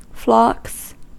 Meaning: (noun) plural of flock; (verb) third-person singular simple present indicative of flock
- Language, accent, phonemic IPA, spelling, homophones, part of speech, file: English, US, /flɑks/, flocks, Flox / flox / phlox, noun / verb, En-us-flocks.ogg